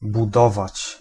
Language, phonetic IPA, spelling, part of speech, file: Polish, [buˈdɔvat͡ɕ], budować, verb, Pl-budować.ogg